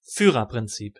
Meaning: the totalitarian principle that a group is entirely subordinated to the Führer, Adolf Hitler, who has ultimate control over it
- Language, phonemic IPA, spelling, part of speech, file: German, /ˈfyːʁɐpʁɪnˌt͡siːp/, Führerprinzip, noun, De-Führerprinzip.ogg